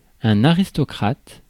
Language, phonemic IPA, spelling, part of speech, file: French, /a.ʁis.tɔ.kʁat/, aristocrate, adjective / noun, Fr-aristocrate.ogg
- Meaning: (adjective) aristocratic; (noun) aristocrat, noble